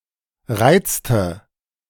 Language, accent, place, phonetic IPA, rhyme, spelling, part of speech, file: German, Germany, Berlin, [ˈʁaɪ̯t͡stə], -aɪ̯t͡stə, reizte, verb, De-reizte.ogg
- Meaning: inflection of reizen: 1. first/third-person singular preterite 2. first/third-person singular subjunctive II